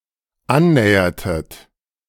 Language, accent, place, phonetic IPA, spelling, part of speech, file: German, Germany, Berlin, [ˈanˌnɛːɐtət], annähertet, verb, De-annähertet.ogg
- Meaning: inflection of annähern: 1. second-person plural dependent preterite 2. second-person plural dependent subjunctive II